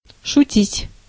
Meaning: 1. to joke, to jest 2. to trifle, to play (with) 3. to make fun (of)
- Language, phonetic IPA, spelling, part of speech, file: Russian, [ʂʊˈtʲitʲ], шутить, verb, Ru-шутить.ogg